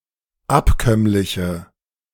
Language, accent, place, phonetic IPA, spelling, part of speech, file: German, Germany, Berlin, [ˈapˌkœmlɪçə], abkömmliche, adjective, De-abkömmliche.ogg
- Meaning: inflection of abkömmlich: 1. strong/mixed nominative/accusative feminine singular 2. strong nominative/accusative plural 3. weak nominative all-gender singular